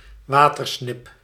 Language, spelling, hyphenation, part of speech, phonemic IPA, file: Dutch, watersnip, wa‧ter‧snip, noun, /ˈʋaː.tərˌsnɪp/, Nl-watersnip.ogg
- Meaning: common snipe (Gallinago gallinago)